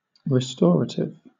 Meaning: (adjective) Serving to restore; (noun) 1. Something with restoring properties 2. An alcoholic drink, especially with tonic
- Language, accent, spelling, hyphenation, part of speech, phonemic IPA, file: English, Southern England, restorative, re‧stora‧tive, adjective / noun, /ɹɪˈstɒɹətɪv/, LL-Q1860 (eng)-restorative.wav